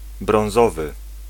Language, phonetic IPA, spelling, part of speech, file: Polish, [brɔ̃w̃ˈzɔvɨ], brązowy, adjective, Pl-brązowy.ogg